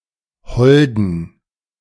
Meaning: inflection of hold: 1. strong genitive masculine/neuter singular 2. weak/mixed genitive/dative all-gender singular 3. strong/weak/mixed accusative masculine singular 4. strong dative plural
- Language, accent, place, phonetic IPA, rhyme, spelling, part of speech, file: German, Germany, Berlin, [ˈhɔldn̩], -ɔldn̩, holden, adjective, De-holden.ogg